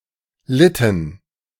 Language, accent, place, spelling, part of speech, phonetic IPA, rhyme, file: German, Germany, Berlin, litten, verb, [ˈlɪtn̩], -ɪtn̩, De-litten.ogg
- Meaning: inflection of leiden: 1. first/third-person plural preterite 2. first/third-person plural subjunctive II